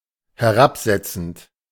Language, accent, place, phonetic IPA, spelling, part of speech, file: German, Germany, Berlin, [hɛˈʁapˌzɛt͡sn̩t], herabsetzend, verb, De-herabsetzend.ogg
- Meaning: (verb) present participle of herabsetzen; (adjective) disparaging, pejorative